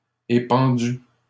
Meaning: masculine plural of épandu
- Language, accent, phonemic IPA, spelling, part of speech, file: French, Canada, /e.pɑ̃.dy/, épandus, adjective, LL-Q150 (fra)-épandus.wav